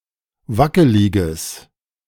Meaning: strong/mixed nominative/accusative neuter singular of wackelig
- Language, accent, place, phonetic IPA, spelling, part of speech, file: German, Germany, Berlin, [ˈvakəlɪɡəs], wackeliges, adjective, De-wackeliges.ogg